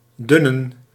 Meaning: 1. to thin, to become/make slender 2. to become/make sparse
- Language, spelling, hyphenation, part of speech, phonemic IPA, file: Dutch, dunnen, dun‧nen, verb, /ˈdʏnə(n)/, Nl-dunnen.ogg